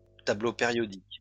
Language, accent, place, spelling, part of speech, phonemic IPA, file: French, France, Lyon, tableau périodique, noun, /ta.blo pe.ʁjɔ.dik/, LL-Q150 (fra)-tableau périodique.wav
- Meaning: periodic table